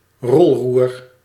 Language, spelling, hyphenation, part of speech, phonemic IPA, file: Dutch, rolroer, rol‧roer, noun, /ˈrɔl.ruːr/, Nl-rolroer.ogg
- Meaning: aileron (aeroplane part)